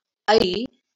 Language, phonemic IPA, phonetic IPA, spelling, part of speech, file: Marathi, /əi/, [əiː], ऐ, character, LL-Q1571 (mar)-ऐ.wav
- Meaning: The ninth vowel in Marathi